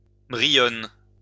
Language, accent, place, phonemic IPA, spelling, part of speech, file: French, France, Lyon, /bʁi.jɔn/, brione, noun, LL-Q150 (fra)-brione.wav
- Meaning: bryony